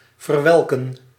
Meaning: to wither, wilt
- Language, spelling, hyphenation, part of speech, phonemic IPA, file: Dutch, verwelken, ver‧wel‧ken, verb, /vərˈʋɛlkə(n)/, Nl-verwelken.ogg